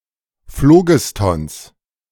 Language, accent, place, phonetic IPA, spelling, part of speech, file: German, Germany, Berlin, [ˈfloːɡɪstɔns], Phlogistons, noun, De-Phlogistons.ogg
- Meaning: genitive singular of Phlogiston